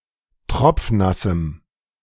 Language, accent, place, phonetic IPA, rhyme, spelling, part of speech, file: German, Germany, Berlin, [ˈtʁɔp͡fˈnasm̩], -asm̩, tropfnassem, adjective, De-tropfnassem.ogg
- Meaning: strong dative masculine/neuter singular of tropfnass